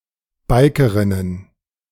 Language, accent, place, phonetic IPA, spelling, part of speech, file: German, Germany, Berlin, [ˈbaɪ̯kəʁɪnən], Bikerinnen, noun, De-Bikerinnen.ogg
- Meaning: plural of Bikerin